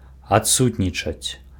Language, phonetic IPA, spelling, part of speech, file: Belarusian, [atˈsutnʲit͡ʂat͡sʲ], адсутнічаць, verb, Be-адсутнічаць.ogg
- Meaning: to be absent